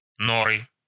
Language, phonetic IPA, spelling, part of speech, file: Russian, [ˈnorɨ], норы, noun, Ru-но́ры.ogg
- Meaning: nominative/accusative plural of нора́ (norá)